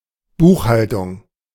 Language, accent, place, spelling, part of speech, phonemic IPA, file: German, Germany, Berlin, Buchhaltung, noun, /ˈbuːxˌhaltʊŋ/, De-Buchhaltung.ogg
- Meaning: accounting, bookkeeping